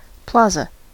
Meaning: 1. A town's public square 2. An open area used for gathering in a city, often having small trees and sitting benches 3. A strip mall 4. A shopping mall
- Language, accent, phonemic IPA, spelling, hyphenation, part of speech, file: English, US, /ˈplɑːzə/, plaza, pla‧za, noun, En-us-plaza.ogg